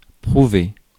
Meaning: to prove
- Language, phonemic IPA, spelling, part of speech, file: French, /pʁu.ve/, prouver, verb, Fr-prouver.ogg